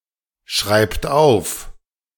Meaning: inflection of aufschreiben: 1. third-person singular present 2. second-person plural present 3. plural imperative
- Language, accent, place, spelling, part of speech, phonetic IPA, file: German, Germany, Berlin, schreibt auf, verb, [ˌʃʁaɪ̯pt ˈaʊ̯f], De-schreibt auf.ogg